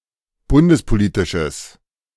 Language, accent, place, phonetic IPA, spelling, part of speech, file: German, Germany, Berlin, [ˈbʊndəspoˌliːtɪʃəs], bundespolitisches, adjective, De-bundespolitisches.ogg
- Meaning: strong/mixed nominative/accusative neuter singular of bundespolitisch